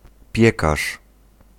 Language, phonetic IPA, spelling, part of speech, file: Polish, [ˈpʲjɛkaʃ], piekarz, noun, Pl-piekarz.ogg